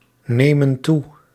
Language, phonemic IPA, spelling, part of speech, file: Dutch, /ˈnemə(n) ˈtu/, nemen toe, verb, Nl-nemen toe.ogg
- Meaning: inflection of toenemen: 1. plural present indicative 2. plural present subjunctive